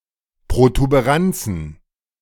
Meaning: plural of Protuberanz
- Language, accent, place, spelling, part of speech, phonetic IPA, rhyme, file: German, Germany, Berlin, Protuberanzen, noun, [pʁotubeˈʁant͡sn̩], -ant͡sn̩, De-Protuberanzen.ogg